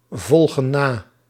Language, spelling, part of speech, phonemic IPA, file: Dutch, volgen na, verb, /ˈvɔlɣə(n) ˈna/, Nl-volgen na.ogg
- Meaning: inflection of navolgen: 1. plural present indicative 2. plural present subjunctive